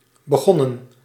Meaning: 1. inflection of beginnen: plural past indicative 2. inflection of beginnen: plural past subjunctive 3. past participle of beginnen
- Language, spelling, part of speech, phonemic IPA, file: Dutch, begonnen, verb, /bəˈɣɔnə(n)/, Nl-begonnen.ogg